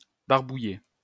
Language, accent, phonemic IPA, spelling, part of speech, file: French, France, /baʁ.bu.je/, barbouiller, verb, LL-Q150 (fra)-barbouiller.wav
- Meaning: 1. to daub 2. to scribble 3. to mark, stain, dirty 4. to blabber 5. to fumble, blunder